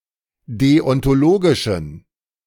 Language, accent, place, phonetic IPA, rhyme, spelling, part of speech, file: German, Germany, Berlin, [ˌdeɔntoˈloːɡɪʃn̩], -oːɡɪʃn̩, deontologischen, adjective, De-deontologischen.ogg
- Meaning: inflection of deontologisch: 1. strong genitive masculine/neuter singular 2. weak/mixed genitive/dative all-gender singular 3. strong/weak/mixed accusative masculine singular 4. strong dative plural